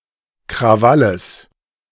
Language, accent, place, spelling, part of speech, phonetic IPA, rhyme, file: German, Germany, Berlin, Krawalles, noun, [kʁaˈvaləs], -aləs, De-Krawalles.ogg
- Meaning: genitive singular of Krawall